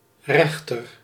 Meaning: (noun) judge; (adjective) 1. right (not left) 2. comparative degree of recht (“straight”)
- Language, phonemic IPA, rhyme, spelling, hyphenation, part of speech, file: Dutch, /ˈrɛx.tər/, -ɛxtər, rechter, rech‧ter, noun / adjective, Nl-rechter.ogg